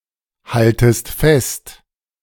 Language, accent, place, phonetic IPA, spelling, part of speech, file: German, Germany, Berlin, [ˌhaltəst ˈfɛst], haltest fest, verb, De-haltest fest.ogg
- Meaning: second-person singular subjunctive I of festhalten